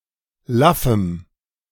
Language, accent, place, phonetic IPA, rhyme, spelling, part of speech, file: German, Germany, Berlin, [ˈlafm̩], -afm̩, laffem, adjective, De-laffem.ogg
- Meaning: strong dative masculine/neuter singular of laff